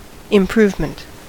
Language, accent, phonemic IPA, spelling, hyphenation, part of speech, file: English, General American, /ɪmˈpɹuːvmənt/, improvement, im‧prove‧ment, noun, En-us-improvement.ogg
- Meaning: The act of improving; advancement or growth; a bettering